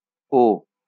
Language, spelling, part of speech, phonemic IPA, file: Bengali, ও, character / pronoun / conjunction / interjection, /o/, LL-Q9610 (ben)-ও.wav
- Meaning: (character) The tenth character in the Bengali abugida; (pronoun) 1. he, she, it; 3rd person nominative singular ordinary pronoun; far reference 2. that (far demonstrative); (conjunction) also